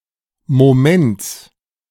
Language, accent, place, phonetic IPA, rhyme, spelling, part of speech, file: German, Germany, Berlin, [moˈmɛnt͡s], -ɛnt͡s, Moments, noun, De-Moments.ogg
- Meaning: genitive singular of Moment